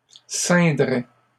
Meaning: third-person singular conditional of ceindre
- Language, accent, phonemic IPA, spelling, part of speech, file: French, Canada, /sɛ̃.dʁɛ/, ceindrait, verb, LL-Q150 (fra)-ceindrait.wav